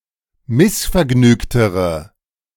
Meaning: inflection of missvergnügt: 1. strong/mixed nominative/accusative feminine singular comparative degree 2. strong nominative/accusative plural comparative degree
- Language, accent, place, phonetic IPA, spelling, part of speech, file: German, Germany, Berlin, [ˈmɪsfɛɐ̯ˌɡnyːktəʁə], missvergnügtere, adjective, De-missvergnügtere.ogg